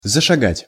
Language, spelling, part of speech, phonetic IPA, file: Russian, зашагать, verb, [zəʂɐˈɡatʲ], Ru-зашагать.ogg
- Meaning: to begin to walk